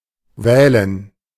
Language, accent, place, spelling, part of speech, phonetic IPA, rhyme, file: German, Germany, Berlin, Wählen, noun, [ˈvɛːlən], -ɛːlən, De-Wählen.ogg
- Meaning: gerund of wählen